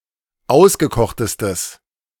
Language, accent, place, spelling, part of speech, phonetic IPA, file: German, Germany, Berlin, ausgekochtestes, adjective, [ˈaʊ̯sɡəˌkɔxtəstəs], De-ausgekochtestes.ogg
- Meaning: strong/mixed nominative/accusative neuter singular superlative degree of ausgekocht